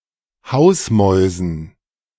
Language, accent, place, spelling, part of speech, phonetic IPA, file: German, Germany, Berlin, Hausmäusen, noun, [ˈhaʊ̯sˌmɔɪ̯zn̩], De-Hausmäusen.ogg
- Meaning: dative plural of Hausmaus